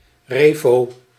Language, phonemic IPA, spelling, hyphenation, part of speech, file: Dutch, /ˈreː.foː/, refo, re‧fo, noun, Nl-refo.ogg
- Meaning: a devout Protestant